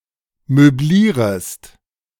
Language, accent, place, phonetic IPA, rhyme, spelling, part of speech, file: German, Germany, Berlin, [møˈbliːʁəst], -iːʁəst, möblierest, verb, De-möblierest.ogg
- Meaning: second-person singular subjunctive I of möblieren